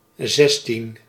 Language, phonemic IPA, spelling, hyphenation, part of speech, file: Dutch, /ˈzɛs.tin/, zestien, zes‧tien, numeral, Nl-zestien.ogg
- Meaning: sixteen